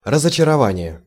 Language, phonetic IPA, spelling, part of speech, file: Russian, [rəzət͡ɕɪrɐˈvanʲɪje], разочарование, noun, Ru-разочарование.ogg
- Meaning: disappointment (emotion)